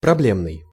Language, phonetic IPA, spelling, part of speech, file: Russian, [prɐˈblʲemnɨj], проблемный, adjective, Ru-проблемный.ogg
- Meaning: problem, problematic